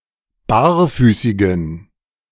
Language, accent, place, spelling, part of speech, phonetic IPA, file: German, Germany, Berlin, barfüßigen, adjective, [ˈbaːɐ̯ˌfyːsɪɡn̩], De-barfüßigen.ogg
- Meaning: inflection of barfüßig: 1. strong genitive masculine/neuter singular 2. weak/mixed genitive/dative all-gender singular 3. strong/weak/mixed accusative masculine singular 4. strong dative plural